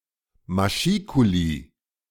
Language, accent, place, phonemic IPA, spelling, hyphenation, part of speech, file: German, Germany, Berlin, /maˈʃiːkuli/, Maschikuli, Ma‧schi‧ku‧li, noun, De-Maschikuli.ogg
- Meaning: machicolation